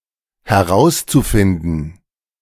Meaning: zu-infinitive of herausfinden
- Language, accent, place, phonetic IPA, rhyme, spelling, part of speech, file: German, Germany, Berlin, [hɛˈʁaʊ̯st͡suˌfɪndn̩], -aʊ̯st͡sufɪndn̩, herauszufinden, verb, De-herauszufinden.ogg